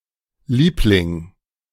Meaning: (noun) 1. darling, (my) dear 2. favorite; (proper noun) a surname transferred from the nickname originating as a nickname
- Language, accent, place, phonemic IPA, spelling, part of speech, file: German, Germany, Berlin, /ˈliːplɪŋ/, Liebling, noun / proper noun, De-Liebling.ogg